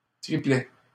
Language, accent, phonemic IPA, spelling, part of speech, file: French, Canada, /tʁi.plɛ/, triplet, noun, LL-Q150 (fra)-triplet.wav
- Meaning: triplet, group of three things